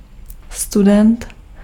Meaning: student (academic, at university)
- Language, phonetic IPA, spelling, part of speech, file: Czech, [ˈstudɛnt], student, noun, Cs-student.ogg